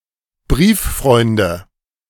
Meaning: 1. nominative/accusative/genitive plural of Brieffreund 2. dative of Brieffreund
- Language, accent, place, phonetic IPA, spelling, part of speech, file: German, Germany, Berlin, [ˈbʁiːfˌfʁɔɪ̯ndə], Brieffreunde, noun, De-Brieffreunde.ogg